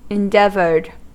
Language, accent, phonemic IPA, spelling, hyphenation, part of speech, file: English, US, /ɪnˈdɛvɚd/, endeavored, en‧deav‧ored, verb, En-us-endeavored.ogg
- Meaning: simple past and past participle of endeavor